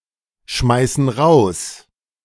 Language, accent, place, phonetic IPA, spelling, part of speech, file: German, Germany, Berlin, [ˌʃmaɪ̯sn̩ ˈʁaʊ̯s], schmeißen raus, verb, De-schmeißen raus.ogg
- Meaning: inflection of rausschmeißen: 1. first/third-person plural present 2. first/third-person plural subjunctive I